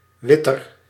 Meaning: comparative degree of wit; whiter
- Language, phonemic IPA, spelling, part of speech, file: Dutch, /ˈʋɪtər/, witter, adjective, Nl-witter.ogg